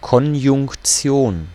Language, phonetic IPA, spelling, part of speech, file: German, [kɔnjʊŋkˈt͡si̯oːn], Konjunktion, noun, De-Konjunktion.ogg
- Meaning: 1. conjunction 2. conjunction: coordinating conjunction